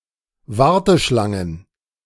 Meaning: plural of Warteschlange
- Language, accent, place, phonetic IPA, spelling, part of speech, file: German, Germany, Berlin, [ˈvaʁtəˌʃlaŋən], Warteschlangen, noun, De-Warteschlangen.ogg